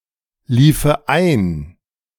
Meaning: first/third-person singular subjunctive II of einlaufen
- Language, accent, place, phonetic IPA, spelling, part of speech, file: German, Germany, Berlin, [ˌliːfə ˈaɪ̯n], liefe ein, verb, De-liefe ein.ogg